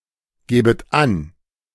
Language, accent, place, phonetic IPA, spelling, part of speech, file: German, Germany, Berlin, [ˌɡeːbət ˈan], gebet an, verb, De-gebet an.ogg
- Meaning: second-person plural subjunctive I of angeben